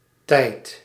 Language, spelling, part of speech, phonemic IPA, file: Dutch, -teit, suffix, /tɛi̯t/, Nl--teit.ogg
- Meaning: a productive suffix that forms a noun (especially an abstract noun) from an adjective, akin to the English suffixes -ity and -ty